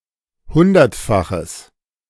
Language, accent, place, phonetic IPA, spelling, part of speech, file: German, Germany, Berlin, [ˈhʊndɐtˌfaxəs], hundertfaches, adjective, De-hundertfaches.ogg
- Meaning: strong/mixed nominative/accusative neuter singular of hundertfach